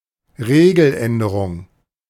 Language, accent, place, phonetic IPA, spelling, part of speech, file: German, Germany, Berlin, [ˈʁeːɡl̩ˌʔɛndəʁʊŋ], Regeländerung, noun, De-Regeländerung.ogg
- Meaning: rule change